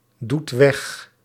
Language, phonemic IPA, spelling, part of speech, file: Dutch, /ˈdut ˈwɛx/, doet weg, verb, Nl-doet weg.ogg
- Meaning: inflection of wegdoen: 1. second/third-person singular present indicative 2. plural imperative